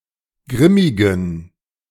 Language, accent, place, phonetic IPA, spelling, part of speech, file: German, Germany, Berlin, [ˈɡʁɪmɪɡn̩], grimmigen, adjective, De-grimmigen.ogg
- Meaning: inflection of grimmig: 1. strong genitive masculine/neuter singular 2. weak/mixed genitive/dative all-gender singular 3. strong/weak/mixed accusative masculine singular 4. strong dative plural